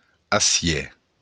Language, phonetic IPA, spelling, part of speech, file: Occitan, [aˈsjɛ], acièr, noun, LL-Q942602-acièr.wav
- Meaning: steel (metal alloy)